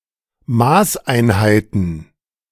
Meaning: plural of Maßeinheit
- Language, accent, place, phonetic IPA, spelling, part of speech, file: German, Germany, Berlin, [ˈmaːsʔaɪ̯nˌhaɪ̯tn̩], Maßeinheiten, noun, De-Maßeinheiten.ogg